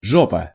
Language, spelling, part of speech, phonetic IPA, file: Russian, жопа, noun, [ˈʐopə], Ru-жопа.ogg
- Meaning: 1. ass, arse (the buttocks of a person or animal) 2. middle of nowhere, Bumfuck 3. shit (a difficult situation) 4. annoying person; shithead, asshole